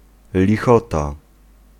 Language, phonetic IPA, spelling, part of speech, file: Polish, [lʲiˈxɔta], lichota, noun, Pl-lichota.ogg